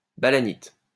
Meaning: 1. balanitis 2. caltrop of genus Balanites
- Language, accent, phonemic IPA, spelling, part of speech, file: French, France, /ba.la.nit/, balanite, noun, LL-Q150 (fra)-balanite.wav